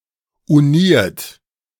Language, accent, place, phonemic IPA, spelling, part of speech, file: German, Germany, Berlin, /uˈniːɐ̯t/, uniert, verb / adjective, De-uniert.ogg
- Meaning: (verb) past participle of unieren; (adjective) united